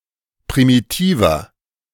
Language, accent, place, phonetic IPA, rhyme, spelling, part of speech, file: German, Germany, Berlin, [pʁimiˈtiːvɐ], -iːvɐ, primitiver, adjective, De-primitiver.ogg
- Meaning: 1. comparative degree of primitiv 2. inflection of primitiv: strong/mixed nominative masculine singular 3. inflection of primitiv: strong genitive/dative feminine singular